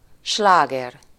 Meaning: 1. hit (a successful song) 2. hit, blockbuster (a popular novel or play) 3. hit, smash hit (a popular article of merchandise or fashion)
- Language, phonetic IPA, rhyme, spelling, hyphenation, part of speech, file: Hungarian, [ˈʃlaːɡɛr], -ɛr, sláger, slá‧ger, noun, Hu-sláger.ogg